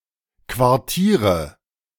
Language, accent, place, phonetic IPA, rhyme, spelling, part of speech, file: German, Germany, Berlin, [kvaʁˈtiːʁə], -iːʁə, Quartiere, noun, De-Quartiere.ogg
- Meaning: nominative/accusative/genitive plural of Quartier